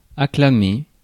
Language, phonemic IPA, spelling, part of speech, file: French, /a.kla.me/, acclamer, verb, Fr-acclamer.ogg
- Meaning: to acclaim, applaud (to shout applause)